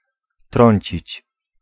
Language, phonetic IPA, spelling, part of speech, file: Polish, [ˈtrɔ̃ɲt͡ɕit͡ɕ], trącić, verb, Pl-trącić.ogg